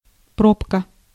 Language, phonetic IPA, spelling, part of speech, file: Russian, [ˈpropkə], пробка, noun, Ru-пробка.ogg
- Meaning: 1. plug 2. cork 3. congestion 4. traffic jam 5. fuse (device preventing overloading of a circuit)